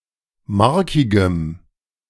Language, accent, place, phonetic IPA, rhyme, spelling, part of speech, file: German, Germany, Berlin, [ˈmaʁkɪɡəm], -aʁkɪɡəm, markigem, adjective, De-markigem.ogg
- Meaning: strong dative masculine/neuter singular of markig